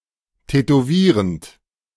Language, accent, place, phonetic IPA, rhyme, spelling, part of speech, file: German, Germany, Berlin, [tɛtoˈviːʁənt], -iːʁənt, tätowierend, verb, De-tätowierend.ogg
- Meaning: present participle of tätowieren